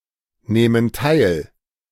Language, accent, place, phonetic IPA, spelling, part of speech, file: German, Germany, Berlin, [ˌnɛːmən ˈtaɪ̯l], nähmen teil, verb, De-nähmen teil.ogg
- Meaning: first/third-person plural subjunctive II of teilnehmen